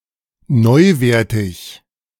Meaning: mint, as new
- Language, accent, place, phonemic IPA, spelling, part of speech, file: German, Germany, Berlin, /ˈnɔɪ̯ˌveːɐ̯tɪç/, neuwertig, adjective, De-neuwertig.ogg